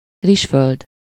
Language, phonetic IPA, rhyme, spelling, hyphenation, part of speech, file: Hungarian, [ˈriʃføld], -øld, rizsföld, rizs‧föld, noun, Hu-rizsföld.ogg
- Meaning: rice paddy, paddy field, paddy (an irrigated or flooded field where rice is grown)